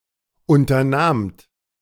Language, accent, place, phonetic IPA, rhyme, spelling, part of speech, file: German, Germany, Berlin, [ˌʔʊntɐˈnaːmt], -aːmt, unternahmt, verb, De-unternahmt.ogg
- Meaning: second-person plural preterite of unternehmen